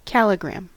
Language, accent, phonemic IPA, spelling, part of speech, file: English, US, /ˈkæl.ɪˌɡɹæm/, calligram, noun, En-us-calligram.ogg
- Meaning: 1. A word, phrase or longer text in which the typeface or the layout has some special significance 2. A signature made from interwoven Arabic words